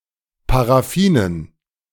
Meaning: dative plural of Paraffin
- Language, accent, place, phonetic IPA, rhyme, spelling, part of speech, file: German, Germany, Berlin, [paʁaˈfiːnən], -iːnən, Paraffinen, noun, De-Paraffinen.ogg